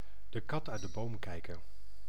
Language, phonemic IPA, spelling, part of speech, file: Dutch, /də ˈkɑt œy̯t də ˈboːm ˈkɛi̯.kə(n)/, de kat uit de boom kijken, verb, Nl-de kat uit de boom kijken.ogg
- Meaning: to wait and see; to not jump right into a situation, but observe and assess first